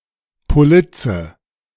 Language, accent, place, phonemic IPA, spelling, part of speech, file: German, Germany, Berlin, /poˈlɪt͡sə/, Polizze, noun, De-Polizze.ogg
- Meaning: 1. policy 2. synonym of Police 3. font